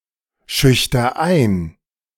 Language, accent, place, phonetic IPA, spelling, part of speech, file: German, Germany, Berlin, [ˌʃʏçtɐ ˈaɪ̯n], schüchter ein, verb, De-schüchter ein.ogg
- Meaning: inflection of einschüchtern: 1. first-person singular present 2. singular imperative